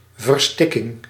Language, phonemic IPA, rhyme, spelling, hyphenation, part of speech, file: Dutch, /vərˈstɪ.kɪŋ/, -ɪkɪŋ, verstikking, ver‧stik‧king, noun, Nl-verstikking.ogg
- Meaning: asphyxiation, suffocation